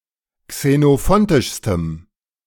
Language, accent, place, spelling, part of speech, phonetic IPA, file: German, Germany, Berlin, xenophontischstem, adjective, [ksenoˈfɔntɪʃstəm], De-xenophontischstem.ogg
- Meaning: strong dative masculine/neuter singular superlative degree of xenophontisch